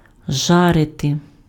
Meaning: to roast, to fry, to broil, to grill
- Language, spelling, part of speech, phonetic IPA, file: Ukrainian, жарити, verb, [ˈʒarete], Uk-жарити.ogg